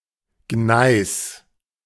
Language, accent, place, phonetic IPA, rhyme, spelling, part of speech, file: German, Germany, Berlin, [ɡnaɪ̯s], -aɪ̯s, Gneis, noun, De-Gneis.ogg
- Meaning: gneiss